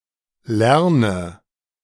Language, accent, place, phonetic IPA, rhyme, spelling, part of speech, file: German, Germany, Berlin, [ˈlɛʁnə], -ɛʁnə, lerne, verb, De-lerne.ogg
- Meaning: inflection of lernen: 1. first-person singular present 2. first/third-person singular subjunctive I 3. singular imperative